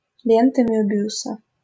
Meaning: Möbius strip
- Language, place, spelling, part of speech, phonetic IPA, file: Russian, Saint Petersburg, лента Мёбиуса, noun, [ˈlʲentə ˈmʲɵbʲɪʊsə], LL-Q7737 (rus)-лента Мёбиуса.wav